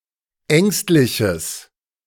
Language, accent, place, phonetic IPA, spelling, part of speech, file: German, Germany, Berlin, [ˈɛŋstlɪçəs], ängstliches, adjective, De-ängstliches.ogg
- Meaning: strong/mixed nominative/accusative neuter singular of ängstlich